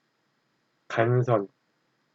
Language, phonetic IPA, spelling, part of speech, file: Korean, [ka̠nsʰʌ̹n], 간선, noun, Ko-간선.ogg
- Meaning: main line, trunk line